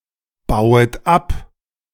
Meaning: second-person plural subjunctive I of abbauen
- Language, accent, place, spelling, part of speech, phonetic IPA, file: German, Germany, Berlin, bauet ab, verb, [ˌbaʊ̯ət ˈap], De-bauet ab.ogg